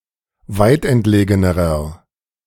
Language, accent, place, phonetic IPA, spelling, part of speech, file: German, Germany, Berlin, [ˈvaɪ̯tʔɛntˌleːɡənəʁɐ], weitentlegenerer, adjective, De-weitentlegenerer.ogg
- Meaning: inflection of weitentlegen: 1. strong/mixed nominative masculine singular comparative degree 2. strong genitive/dative feminine singular comparative degree 3. strong genitive plural comparative degree